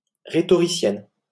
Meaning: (noun) female equivalent of rhétoricien; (adjective) feminine singular of rhétoricien
- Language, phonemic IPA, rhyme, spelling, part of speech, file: French, /ʁe.tɔ.ʁi.sjɛn/, -ɛn, rhétoricienne, noun / adjective, LL-Q150 (fra)-rhétoricienne.wav